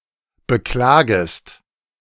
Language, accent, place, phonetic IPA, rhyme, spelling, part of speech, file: German, Germany, Berlin, [bəˈklaːɡəst], -aːɡəst, beklagest, verb, De-beklagest.ogg
- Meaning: second-person singular subjunctive I of beklagen